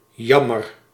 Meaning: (interjection) too bad, unfortunately; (adjective) 1. unfortunate, sad 2. too bad, a pity; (verb) inflection of jammeren: first-person singular present indicative
- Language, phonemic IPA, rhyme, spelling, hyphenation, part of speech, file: Dutch, /ˈjɑ.mər/, -ɑmər, jammer, jam‧mer, interjection / adjective / verb, Nl-jammer.ogg